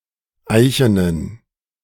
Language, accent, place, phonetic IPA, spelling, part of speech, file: German, Germany, Berlin, [ˈaɪ̯çənən], eichenen, adjective, De-eichenen.ogg
- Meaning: inflection of eichen: 1. strong genitive masculine/neuter singular 2. weak/mixed genitive/dative all-gender singular 3. strong/weak/mixed accusative masculine singular 4. strong dative plural